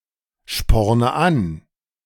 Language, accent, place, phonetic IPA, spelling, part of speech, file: German, Germany, Berlin, [ˌʃpɔʁnə ˈan], sporne an, verb, De-sporne an.ogg
- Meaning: inflection of anspornen: 1. first-person singular present 2. first/third-person singular subjunctive I 3. singular imperative